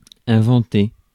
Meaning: 1. to invent (to make something for the first time) 2. to invent (to create a mistruth)
- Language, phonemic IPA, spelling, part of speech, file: French, /ɛ̃.vɑ̃.te/, inventer, verb, Fr-inventer.ogg